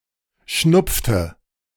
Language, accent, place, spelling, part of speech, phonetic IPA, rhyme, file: German, Germany, Berlin, schnupfte, verb, [ˈʃnʊp͡ftə], -ʊp͡ftə, De-schnupfte.ogg
- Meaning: inflection of schnupfen: 1. first/third-person singular preterite 2. first/third-person singular subjunctive II